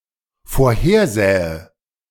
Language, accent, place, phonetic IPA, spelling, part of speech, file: German, Germany, Berlin, [foːɐ̯ˈheːɐ̯ˌzɛːə], vorhersähe, verb, De-vorhersähe.ogg
- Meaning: first/third-person singular dependent subjunctive II of vorhersehen